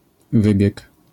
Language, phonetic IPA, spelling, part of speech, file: Polish, [ˈvɨbʲjɛk], wybieg, noun, LL-Q809 (pol)-wybieg.wav